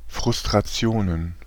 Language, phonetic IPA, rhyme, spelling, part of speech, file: German, [fʁʊstʁaˈt͡si̯oːnən], -oːnən, Frustrationen, noun, De-Frustrationen.ogg
- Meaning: plural of Frustration